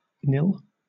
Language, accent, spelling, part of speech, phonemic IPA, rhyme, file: English, Southern England, nil, noun / determiner, /nɪl/, -ɪl, LL-Q1860 (eng)-nil.wav
- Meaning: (noun) 1. Nothing; zero 2. A score of zero; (determiner) No, not any